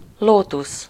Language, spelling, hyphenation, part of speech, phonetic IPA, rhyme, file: Hungarian, lótusz, ló‧tusz, noun, [ˈloːtus], -us, Hu-lótusz.ogg
- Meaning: lotus